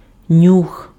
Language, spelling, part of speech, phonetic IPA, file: Ukrainian, нюх, noun, [nʲux], Uk-нюх.ogg
- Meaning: 1. scent, nose (the sense of smell) 2. gut feeling